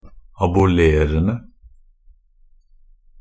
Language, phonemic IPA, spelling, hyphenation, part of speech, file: Norwegian Bokmål, /abʊˈleːrən(d)ə/, abolerende, a‧bo‧ler‧en‧de, verb, Nb-abolerende.ogg
- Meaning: present participle of abolere